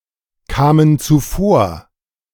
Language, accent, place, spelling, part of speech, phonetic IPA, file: German, Germany, Berlin, kamen zuvor, verb, [ˌkaːmən t͡suˈfoːɐ̯], De-kamen zuvor.ogg
- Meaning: first/third-person plural preterite of zuvorkommen